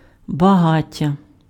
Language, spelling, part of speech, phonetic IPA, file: Ukrainian, багаття, noun, [bɐˈɦatʲːɐ], Uk-багаття.ogg
- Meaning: 1. bonfire 2. fire